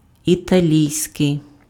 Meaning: Italian
- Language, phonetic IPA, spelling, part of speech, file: Ukrainian, [itɐˈlʲii̯sʲkei̯], італійський, adjective, Uk-італійський.ogg